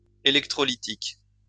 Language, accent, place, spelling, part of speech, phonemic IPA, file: French, France, Lyon, électrolytique, adjective, /e.lɛk.tʁɔ.li.tik/, LL-Q150 (fra)-électrolytique.wav
- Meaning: electrolytic